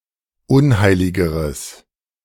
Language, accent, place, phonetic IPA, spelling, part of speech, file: German, Germany, Berlin, [ˈʊnˌhaɪ̯lɪɡəʁəs], unheiligeres, adjective, De-unheiligeres.ogg
- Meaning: strong/mixed nominative/accusative neuter singular comparative degree of unheilig